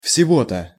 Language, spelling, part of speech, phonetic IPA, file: Russian, всего-то, adverb, [fsʲɪˈvo‿tə], Ru-всего-то.ogg
- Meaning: only, no more than, a mere